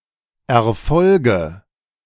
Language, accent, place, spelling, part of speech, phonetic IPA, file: German, Germany, Berlin, Erfolge, noun, [ɛɐ̯ˈfɔlɡə], De-Erfolge.ogg
- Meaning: nominative/accusative/genitive plural of Erfolg